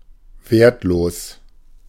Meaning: worthless
- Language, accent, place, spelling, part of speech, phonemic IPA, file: German, Germany, Berlin, wertlos, adjective, /ˈveːɐ̯tˌloːs/, De-wertlos.ogg